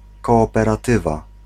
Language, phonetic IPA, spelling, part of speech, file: Polish, [ˌkɔːpɛraˈtɨva], kooperatywa, noun, Pl-kooperatywa.ogg